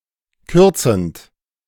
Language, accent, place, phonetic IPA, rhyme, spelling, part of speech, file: German, Germany, Berlin, [ˈkʏʁt͡sn̩t], -ʏʁt͡sn̩t, kürzend, verb, De-kürzend.ogg
- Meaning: present participle of kürzen